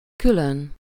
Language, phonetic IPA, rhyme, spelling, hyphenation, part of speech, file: Hungarian, [ˈkyløn], -øn, külön, kü‧lön, adverb / adjective, Hu-külön.ogg
- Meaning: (adverb) 1. separately, apart 2. specifically, expressly; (adjective) separate